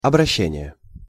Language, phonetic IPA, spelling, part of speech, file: Russian, [ɐbrɐˈɕːenʲɪje], обращение, noun, Ru-обращение.ogg
- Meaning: 1. conversion, transformation 2. circulation 3. treatment, management, handling 4. manners 5. address, salutation 6. appeal 7. addressee